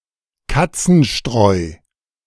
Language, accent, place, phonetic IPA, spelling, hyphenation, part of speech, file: German, Germany, Berlin, [ˈkat͡sn̩ˌʃtʁɔɪ̯], Katzenstreu, Kat‧zen‧streu, noun, De-Katzenstreu.ogg
- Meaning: kitty litter